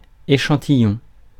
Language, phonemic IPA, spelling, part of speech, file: French, /e.ʃɑ̃.ti.jɔ̃/, échantillon, noun, Fr-échantillon.ogg
- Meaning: sample, extract